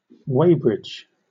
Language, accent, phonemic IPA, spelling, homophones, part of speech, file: English, Southern England, /ˈweɪbɹɪd͡ʒ/, weighbridge, Weybridge, noun, LL-Q1860 (eng)-weighbridge.wav
- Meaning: a platform, flush with the roadway, having a mechanism for weighing vehicles, wagons, livestock, etc